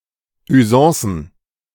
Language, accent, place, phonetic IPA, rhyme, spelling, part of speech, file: German, Germany, Berlin, [yˈzɑ̃ːsn̩], -ɑ̃ːsn̩, Usancen, noun, De-Usancen.ogg
- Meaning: plural of Usance